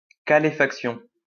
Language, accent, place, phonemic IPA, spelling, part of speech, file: French, France, Lyon, /ka.le.fak.sjɔ̃/, caléfaction, noun, LL-Q150 (fra)-caléfaction.wav
- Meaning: calefaction